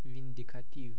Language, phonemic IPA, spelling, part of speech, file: Romanian, /ˌvin.di.kaˈtiv/, vindicativ, adjective, Ro-vindicativ.ogg
- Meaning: vindictive (having or showing a strong or unreasoning desire for revenge)